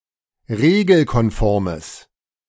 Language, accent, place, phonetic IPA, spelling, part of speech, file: German, Germany, Berlin, [ˈʁeːɡl̩kɔnˌfɔʁməs], regelkonformes, adjective, De-regelkonformes.ogg
- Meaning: strong/mixed nominative/accusative neuter singular of regelkonform